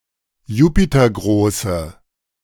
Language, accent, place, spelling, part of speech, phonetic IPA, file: German, Germany, Berlin, jupitergroße, adjective, [ˈjuːpitɐˌɡʁoːsə], De-jupitergroße.ogg
- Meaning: inflection of jupitergroß: 1. strong/mixed nominative/accusative feminine singular 2. strong nominative/accusative plural 3. weak nominative all-gender singular